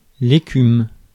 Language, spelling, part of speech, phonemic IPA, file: French, écume, noun / verb, /e.kym/, Fr-écume.ogg
- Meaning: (noun) foam; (verb) inflection of écumer: 1. first/third-person singular present indicative/subjunctive 2. second-person singular imperative